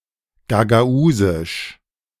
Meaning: Gagauz (the Gagauz language)
- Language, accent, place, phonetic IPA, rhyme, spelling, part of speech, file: German, Germany, Berlin, [ɡaɡaˈuːzɪʃ], -uːzɪʃ, Gagausisch, noun, De-Gagausisch.ogg